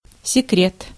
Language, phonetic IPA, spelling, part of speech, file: Russian, [sʲɪˈkrʲet], секрет, noun, Ru-секрет.ogg
- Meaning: 1. secret 2. ambush 3. secretion